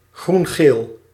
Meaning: lime (color)
- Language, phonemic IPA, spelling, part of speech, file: Dutch, /ˈɣruŋɣɛl/, groengeel, noun / adjective, Nl-groengeel.ogg